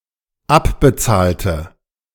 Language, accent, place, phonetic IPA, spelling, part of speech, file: German, Germany, Berlin, [ˈapbəˌt͡saːltə], abbezahlte, adjective / verb, De-abbezahlte.ogg
- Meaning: inflection of abbezahlen: 1. first/third-person singular dependent preterite 2. first/third-person singular dependent subjunctive II